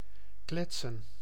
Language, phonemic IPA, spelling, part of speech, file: Dutch, /ˈklɛt.sə(n)/, kletsen, verb / noun, Nl-kletsen.ogg
- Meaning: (verb) 1. to chat 2. to smack, to slap; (noun) plural of klets